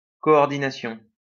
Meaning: coordination
- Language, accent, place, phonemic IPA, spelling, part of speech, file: French, France, Lyon, /kɔ.ɔʁ.di.na.sjɔ̃/, coordination, noun, LL-Q150 (fra)-coordination.wav